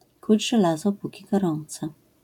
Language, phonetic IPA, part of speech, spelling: Polish, [ˈkud͡ʑ ʒɛˈlazɔ ˈpuci ɡɔˈrɔ̃nt͡sɛ], proverb, kuć żelazo, póki gorące